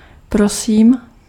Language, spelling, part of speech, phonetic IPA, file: Czech, prosím, interjection / verb, [ˈprosiːm], Cs-prosím.ogg
- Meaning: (interjection) 1. please 2. you're welcome 3. sorry? (used to ask someone to repeat); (verb) first-person singular present indicative of prosit